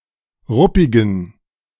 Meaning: inflection of ruppig: 1. strong genitive masculine/neuter singular 2. weak/mixed genitive/dative all-gender singular 3. strong/weak/mixed accusative masculine singular 4. strong dative plural
- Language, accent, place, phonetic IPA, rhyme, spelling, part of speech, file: German, Germany, Berlin, [ˈʁʊpɪɡn̩], -ʊpɪɡn̩, ruppigen, adjective, De-ruppigen.ogg